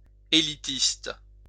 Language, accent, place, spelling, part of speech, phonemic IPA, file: French, France, Lyon, élitiste, adjective, /e.li.tist/, LL-Q150 (fra)-élitiste.wav
- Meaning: elitist